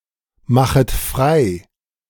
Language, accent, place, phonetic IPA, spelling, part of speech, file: German, Germany, Berlin, [ˌmaxət ˈfʁaɪ̯], machet frei, verb, De-machet frei.ogg
- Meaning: second-person plural subjunctive I of freimachen